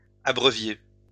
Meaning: inflection of abreuver: 1. second-person plural imperfect indicative 2. second-person plural present subjunctive
- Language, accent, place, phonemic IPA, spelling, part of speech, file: French, France, Lyon, /a.bʁœ.vje/, abreuviez, verb, LL-Q150 (fra)-abreuviez.wav